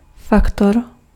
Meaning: factor (one of the elements, circumstances, or influences which contribute to produce a result)
- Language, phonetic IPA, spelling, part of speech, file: Czech, [ˈfaktor], faktor, noun, Cs-faktor.ogg